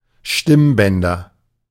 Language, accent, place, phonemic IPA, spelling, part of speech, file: German, Germany, Berlin, /ˈʃtɪmˌbɛndɐ/, Stimmbänder, noun, De-Stimmbänder.ogg
- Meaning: nominative/accusative/genitive plural of Stimmband